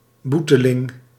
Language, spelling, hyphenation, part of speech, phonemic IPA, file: Dutch, boeteling, boe‧te‧ling, noun, /ˈbu.tə.lɪŋ/, Nl-boeteling.ogg
- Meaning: penitant (someone who receives punishment or does penance)